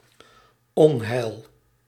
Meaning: misfortune, disaster
- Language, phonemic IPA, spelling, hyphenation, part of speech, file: Dutch, /ˈɔn.ɦɛi̯l/, onheil, on‧heil, noun, Nl-onheil.ogg